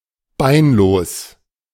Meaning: legless
- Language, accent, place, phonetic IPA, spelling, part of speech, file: German, Germany, Berlin, [ˈbaɪ̯nˌloːs], beinlos, adjective, De-beinlos.ogg